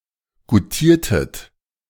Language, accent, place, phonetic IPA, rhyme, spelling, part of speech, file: German, Germany, Berlin, [ɡuˈtiːɐ̯tət], -iːɐ̯tət, goutiertet, verb, De-goutiertet.ogg
- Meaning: inflection of goutieren: 1. second-person plural preterite 2. second-person plural subjunctive II